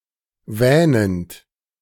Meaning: present participle of wähnen
- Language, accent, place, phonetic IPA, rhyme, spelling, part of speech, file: German, Germany, Berlin, [ˈvɛːnənt], -ɛːnənt, wähnend, verb, De-wähnend.ogg